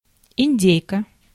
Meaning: female equivalent of индю́к (indjúk): female turkey (bird)
- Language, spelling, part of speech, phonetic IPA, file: Russian, индейка, noun, [ɪnʲˈdʲejkə], Ru-индейка.ogg